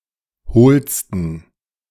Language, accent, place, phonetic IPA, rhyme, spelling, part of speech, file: German, Germany, Berlin, [ˈhoːlstn̩], -oːlstn̩, hohlsten, adjective, De-hohlsten.ogg
- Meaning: 1. superlative degree of hohl 2. inflection of hohl: strong genitive masculine/neuter singular superlative degree